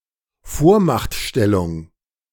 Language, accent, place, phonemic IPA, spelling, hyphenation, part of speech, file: German, Germany, Berlin, /ˈfoːɐ̯maxtˌʃtɛlʊŋ/, Vormachtstellung, Vor‧macht‧stel‧lung, noun, De-Vormachtstellung.ogg
- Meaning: 1. supremacy 2. hegemony